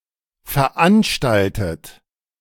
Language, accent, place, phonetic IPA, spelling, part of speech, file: German, Germany, Berlin, [fɛɐ̯ˈʔanʃtaltət], veranstaltet, verb, De-veranstaltet.ogg
- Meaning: 1. past participle of veranstalten 2. inflection of veranstalten: third-person singular present 3. inflection of veranstalten: second-person plural present